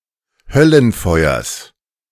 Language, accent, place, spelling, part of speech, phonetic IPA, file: German, Germany, Berlin, Höllenfeuers, noun, [ˈhœlənˌfɔɪ̯ɐs], De-Höllenfeuers.ogg
- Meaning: genitive of Höllenfeuer